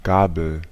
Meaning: 1. fork 2. pitchfork 3. prong
- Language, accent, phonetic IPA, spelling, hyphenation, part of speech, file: German, Germany, [ˈɡaːbl̩], Gabel, Ga‧bel, noun, De-Gabel.ogg